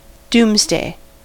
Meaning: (noun) 1. The day when God is expected to judge the world; the end times 2. Judgement day; the day of the Final Judgment; any day of decisive judgement or final dissolution
- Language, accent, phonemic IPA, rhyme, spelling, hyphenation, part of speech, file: English, US, /ˈduːmz.deɪ/, -uːmzdeɪ, doomsday, dooms‧day, noun / adjective, En-us-doomsday.ogg